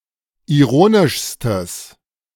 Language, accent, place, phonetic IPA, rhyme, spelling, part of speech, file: German, Germany, Berlin, [iˈʁoːnɪʃstəs], -oːnɪʃstəs, ironischstes, adjective, De-ironischstes.ogg
- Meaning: strong/mixed nominative/accusative neuter singular superlative degree of ironisch